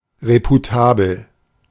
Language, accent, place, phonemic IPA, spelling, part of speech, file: German, Germany, Berlin, /ˌʁepuˈtaːbl̩/, reputabel, adjective, De-reputabel.ogg
- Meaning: reputable